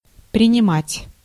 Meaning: 1. to take 2. to admit, to accept 3. to receive 4. to assume
- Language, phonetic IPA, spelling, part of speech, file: Russian, [prʲɪnʲɪˈmatʲ], принимать, verb, Ru-принимать.ogg